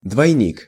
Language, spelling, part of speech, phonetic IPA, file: Russian, двойник, noun, [dvɐjˈnʲik], Ru-двойник.ogg
- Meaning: look-alike, double (a person resembling or standing for another)